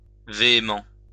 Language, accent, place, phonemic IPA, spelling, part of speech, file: French, France, Lyon, /ve.e.mɑ̃/, véhément, adjective, LL-Q150 (fra)-véhément.wav
- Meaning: vehement